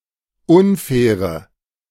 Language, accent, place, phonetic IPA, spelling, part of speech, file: German, Germany, Berlin, [ˈʊnˌfɛːʁə], unfaire, adjective, De-unfaire.ogg
- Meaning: inflection of unfair: 1. strong/mixed nominative/accusative feminine singular 2. strong nominative/accusative plural 3. weak nominative all-gender singular 4. weak accusative feminine/neuter singular